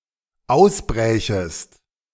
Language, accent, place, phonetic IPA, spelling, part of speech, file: German, Germany, Berlin, [ˈaʊ̯sˌbʁɛːçəst], ausbrächest, verb, De-ausbrächest.ogg
- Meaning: second-person singular dependent subjunctive II of ausbrechen